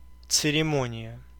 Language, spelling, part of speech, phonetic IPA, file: Russian, церемония, noun, [t͡sɨrʲɪˈmonʲɪjə], Ru-церемония.ogg
- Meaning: 1. ceremony 2. formalities